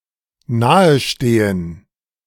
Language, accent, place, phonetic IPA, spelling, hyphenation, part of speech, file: German, Germany, Berlin, [ˈnaːəˌʃteːən], nahestehen, na‧he‧ste‧hen, verb, De-nahestehen.ogg
- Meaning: 1. to have a close connection to 2. to be similar in respect to a certain trait